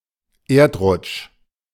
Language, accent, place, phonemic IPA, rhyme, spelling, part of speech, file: German, Germany, Berlin, /ˈeːɐ̯tˌʁʊt͡ʃ/, -ʊt͡ʃ, Erdrutsch, noun, De-Erdrutsch.ogg
- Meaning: landslide